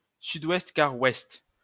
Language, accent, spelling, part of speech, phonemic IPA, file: French, France, sud-ouest-quart-ouest, noun, /sy.dwɛst.ka.ʁwɛst/, LL-Q150 (fra)-sud-ouest-quart-ouest.wav
- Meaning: southwest by west (compass point)